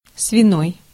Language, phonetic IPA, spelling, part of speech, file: Russian, [svʲɪˈnoj], свиной, adjective, Ru-свиной.ogg
- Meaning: 1. pig 2. pork